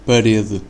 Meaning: wall (of a house or building)
- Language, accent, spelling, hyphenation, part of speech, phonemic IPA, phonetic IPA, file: Portuguese, Portugal, parede, pa‧re‧de, noun, /pɐˈɾe.dɨ/, [pɐˈɾe.ðɨ], Pt-pt-parede.ogg